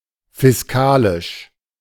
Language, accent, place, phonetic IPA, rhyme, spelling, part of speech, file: German, Germany, Berlin, [fɪsˈkaːlɪʃ], -aːlɪʃ, fiskalisch, adjective, De-fiskalisch.ogg
- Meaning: fiscal